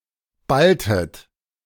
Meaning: inflection of ballen: 1. second-person plural preterite 2. second-person plural subjunctive II
- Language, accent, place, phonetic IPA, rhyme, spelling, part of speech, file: German, Germany, Berlin, [ˈbaltət], -altət, balltet, verb, De-balltet.ogg